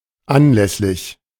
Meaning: on the occasion of
- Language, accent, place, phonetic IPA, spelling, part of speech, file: German, Germany, Berlin, [ˈanˌlɛslɪç], anlässlich, preposition, De-anlässlich.ogg